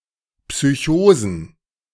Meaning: plural of Psychose
- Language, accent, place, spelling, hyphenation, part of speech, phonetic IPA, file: German, Germany, Berlin, Psychosen, Psy‧cho‧sen, noun, [psyˈçoːzn̩], De-Psychosen.ogg